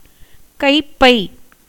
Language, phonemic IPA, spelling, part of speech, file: Tamil, /kɐɪ̯pːɐɪ̯/, கைப்பை, noun, Ta-கைப்பை.ogg
- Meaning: handbag (or a bag in general)